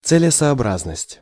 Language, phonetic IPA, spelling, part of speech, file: Russian, [t͡sɨlʲɪsɐɐˈbraznəsʲtʲ], целесообразность, noun, Ru-целесообразность.ogg
- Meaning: reasonability, suitability